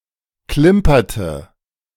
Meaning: inflection of klimpern: 1. first/third-person singular preterite 2. first/third-person singular subjunctive II
- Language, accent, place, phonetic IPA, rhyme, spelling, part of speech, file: German, Germany, Berlin, [ˈklɪmpɐtə], -ɪmpɐtə, klimperte, verb, De-klimperte.ogg